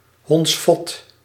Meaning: scoundrel
- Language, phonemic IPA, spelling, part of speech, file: Dutch, /ˈɦɔnts.fɔt/, hondsvot, noun, Nl-hondsvot.ogg